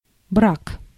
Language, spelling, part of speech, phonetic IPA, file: Russian, брак, noun, [brak], Ru-брак.ogg
- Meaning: 1. marriage, matrimony 2. flaw, defect 3. defective goods, waste, spoilage, rejects